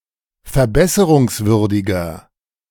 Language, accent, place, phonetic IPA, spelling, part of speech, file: German, Germany, Berlin, [fɛɐ̯ˈbɛsəʁʊŋsˌvʏʁdɪɡɐ], verbesserungswürdiger, adjective, De-verbesserungswürdiger.ogg
- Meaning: 1. comparative degree of verbesserungswürdig 2. inflection of verbesserungswürdig: strong/mixed nominative masculine singular